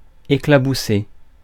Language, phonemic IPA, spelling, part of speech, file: French, /e.kla.bu.se/, éclabousser, verb, Fr-éclabousser.ogg
- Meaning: 1. to splatter, to splash 2. to taint, to embroil, to fill with scandal 3. to shatter, to burst